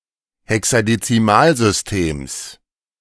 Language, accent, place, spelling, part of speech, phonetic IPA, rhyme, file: German, Germany, Berlin, Hexadezimalsystems, noun, [hɛksadet͡siˈmaːlzʏsˌteːms], -aːlzʏsteːms, De-Hexadezimalsystems.ogg
- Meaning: genitive singular of Hexadezimalsystem